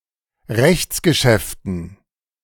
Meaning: dative plural of Rechtsgeschäft
- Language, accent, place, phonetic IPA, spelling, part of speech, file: German, Germany, Berlin, [ˈʁɛçt͡sɡəˌʃɛftn̩], Rechtsgeschäften, noun, De-Rechtsgeschäften.ogg